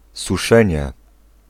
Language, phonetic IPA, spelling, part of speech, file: Polish, [suˈʃɛ̃ɲɛ], suszenie, noun, Pl-suszenie.ogg